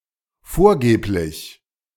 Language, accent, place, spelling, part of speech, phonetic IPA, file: German, Germany, Berlin, vorgeblich, adjective / adverb, [ˈfoːɐ̯ˌɡeːplɪç], De-vorgeblich.ogg
- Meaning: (adjective) ostensible; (adverb) ostensibly